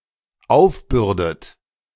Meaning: inflection of aufbürden: 1. third-person singular dependent present 2. second-person plural dependent present 3. second-person plural dependent subjunctive I
- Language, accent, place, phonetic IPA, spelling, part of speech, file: German, Germany, Berlin, [ˈaʊ̯fˌbʏʁdət], aufbürdet, verb, De-aufbürdet.ogg